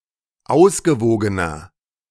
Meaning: inflection of ausgewogen: 1. strong/mixed nominative masculine singular 2. strong genitive/dative feminine singular 3. strong genitive plural
- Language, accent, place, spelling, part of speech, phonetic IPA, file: German, Germany, Berlin, ausgewogener, adjective, [ˈaʊ̯sɡəˌvoːɡənɐ], De-ausgewogener.ogg